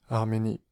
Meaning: Armenia (a country in the South Caucasus region of Asia, sometimes considered to belong politically to Europe)
- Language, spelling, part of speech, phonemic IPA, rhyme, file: French, Arménie, proper noun, /aʁ.me.ni/, -i, Fr-Arménie.ogg